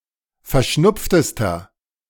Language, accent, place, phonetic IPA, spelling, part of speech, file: German, Germany, Berlin, [fɛɐ̯ˈʃnʊp͡ftəstɐ], verschnupftester, adjective, De-verschnupftester.ogg
- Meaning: inflection of verschnupft: 1. strong/mixed nominative masculine singular superlative degree 2. strong genitive/dative feminine singular superlative degree 3. strong genitive plural superlative degree